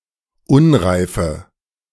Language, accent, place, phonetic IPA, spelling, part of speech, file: German, Germany, Berlin, [ˈʊnʁaɪ̯fə], unreife, adjective, De-unreife.ogg
- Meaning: inflection of unreif: 1. strong/mixed nominative/accusative feminine singular 2. strong nominative/accusative plural 3. weak nominative all-gender singular 4. weak accusative feminine/neuter singular